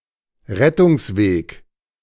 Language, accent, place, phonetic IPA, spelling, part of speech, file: German, Germany, Berlin, [ˈʁɛtʊŋsˌveːk], Rettungsweg, noun, De-Rettungsweg.ogg
- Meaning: escape route